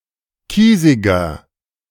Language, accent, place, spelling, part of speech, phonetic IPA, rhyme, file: German, Germany, Berlin, kiesiger, adjective, [ˈkiːzɪɡɐ], -iːzɪɡɐ, De-kiesiger.ogg
- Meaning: 1. comparative degree of kiesig 2. inflection of kiesig: strong/mixed nominative masculine singular 3. inflection of kiesig: strong genitive/dative feminine singular